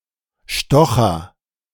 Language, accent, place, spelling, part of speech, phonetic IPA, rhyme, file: German, Germany, Berlin, stocher, verb, [ˈʃtɔxɐ], -ɔxɐ, De-stocher.ogg
- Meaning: inflection of stochern: 1. first-person singular present 2. singular imperative